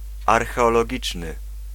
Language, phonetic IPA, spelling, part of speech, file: Polish, [ˌarxɛɔlɔˈɟit͡ʃnɨ], archeologiczny, adjective, Pl-archeologiczny.ogg